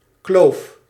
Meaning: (noun) gap, gorge, ravine; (verb) inflection of kloven: 1. first-person singular present indicative 2. second-person singular present indicative 3. imperative
- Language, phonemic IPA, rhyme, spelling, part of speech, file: Dutch, /kloːf/, -oːf, kloof, noun / verb, Nl-kloof.ogg